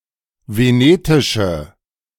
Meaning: inflection of venetisch: 1. strong/mixed nominative/accusative feminine singular 2. strong nominative/accusative plural 3. weak nominative all-gender singular
- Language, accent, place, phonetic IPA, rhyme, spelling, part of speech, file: German, Germany, Berlin, [veˈneːtɪʃə], -eːtɪʃə, venetische, adjective, De-venetische.ogg